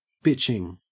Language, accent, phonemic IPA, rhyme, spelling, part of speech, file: English, Australia, /ˈbɪt͡ʃɪŋ/, -ɪtʃɪŋ, bitching, adjective / verb / noun, En-au-bitching.ogg
- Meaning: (adjective) 1. Excellent; outstanding 2. Awful, terrible; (verb) present participle and gerund of bitch; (noun) A spiteful criticism or complaint